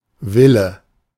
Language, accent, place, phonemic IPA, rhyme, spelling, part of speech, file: German, Germany, Berlin, /ˈvɪlə/, -ɪlə, Wille, noun, De-Wille.ogg
- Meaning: will